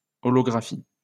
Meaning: holography
- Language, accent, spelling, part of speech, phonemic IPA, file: French, France, holographie, noun, /ɔ.lɔ.ɡʁa.fi/, LL-Q150 (fra)-holographie.wav